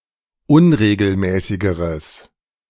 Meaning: strong/mixed nominative/accusative neuter singular comparative degree of unregelmäßig
- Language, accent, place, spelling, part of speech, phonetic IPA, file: German, Germany, Berlin, unregelmäßigeres, adjective, [ˈʊnʁeːɡl̩ˌmɛːsɪɡəʁəs], De-unregelmäßigeres.ogg